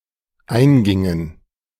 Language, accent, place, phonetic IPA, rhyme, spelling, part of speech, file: German, Germany, Berlin, [ˈaɪ̯nˌɡɪŋən], -aɪ̯nɡɪŋən, eingingen, verb, De-eingingen.ogg
- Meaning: inflection of eingehen: 1. first/third-person plural dependent preterite 2. first/third-person plural dependent subjunctive II